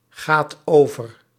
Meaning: inflection of overgaan: 1. second/third-person singular present indicative 2. plural imperative
- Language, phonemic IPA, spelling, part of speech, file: Dutch, /ˈɣat ˈovər/, gaat over, verb, Nl-gaat over.ogg